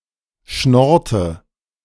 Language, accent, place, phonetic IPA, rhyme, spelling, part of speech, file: German, Germany, Berlin, [ˈʃnɔʁtə], -ɔʁtə, schnorrte, verb, De-schnorrte.ogg
- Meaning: inflection of schnorren: 1. first/third-person singular preterite 2. first/third-person singular subjunctive II